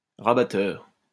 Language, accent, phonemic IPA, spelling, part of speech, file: French, France, /ʁa.ba.tœʁ/, rabatteur, noun, LL-Q150 (fra)-rabatteur.wav
- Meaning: beater (at a shoot)